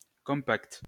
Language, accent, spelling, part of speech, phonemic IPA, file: French, France, compact, adjective / noun, /kɔ̃.pakt/, LL-Q150 (fra)-compact.wav
- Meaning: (adjective) 1. dense, compact (closely packed) 2. compact (having all necessary features fitting neatly into a small space); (noun) 1. compact disc 2. music center (US), music centre (UK)